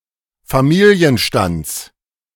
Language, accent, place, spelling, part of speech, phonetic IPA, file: German, Germany, Berlin, Familienstands, noun, [faˈmiːliənʃtant͡s], De-Familienstands.ogg
- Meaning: genitive singular of Familienstand